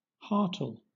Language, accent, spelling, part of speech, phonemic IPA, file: English, Southern England, hartal, noun, /ˈhɑː.tɑːl/, LL-Q1860 (eng)-hartal.wav
- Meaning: the closure of shops and offices, typically as a strike